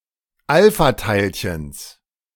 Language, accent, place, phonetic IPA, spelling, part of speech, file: German, Germany, Berlin, [ˈalfaˌtaɪ̯lçəns], Alphateilchens, noun, De-Alphateilchens.ogg
- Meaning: genitive singular of Alphateilchen